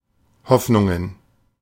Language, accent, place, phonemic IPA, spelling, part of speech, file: German, Germany, Berlin, /ˈhɔfnʊŋən/, Hoffnungen, noun, De-Hoffnungen.ogg
- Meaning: plural of Hoffnung (“hopes”)